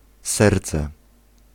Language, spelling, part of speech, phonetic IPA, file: Polish, serce, noun, [ˈsɛrt͡sɛ], Pl-serce.ogg